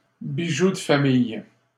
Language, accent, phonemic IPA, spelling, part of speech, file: French, Canada, /bi.ʒu d(ə) fa.mij/, bijoux de famille, noun, LL-Q150 (fra)-bijoux de famille.wav
- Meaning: family jewels, crown jewels